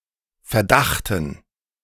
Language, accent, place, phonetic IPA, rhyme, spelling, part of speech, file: German, Germany, Berlin, [fɛɐ̯ˈdaxtn̩], -axtn̩, Verdachten, noun, De-Verdachten.ogg
- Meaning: dative plural of Verdacht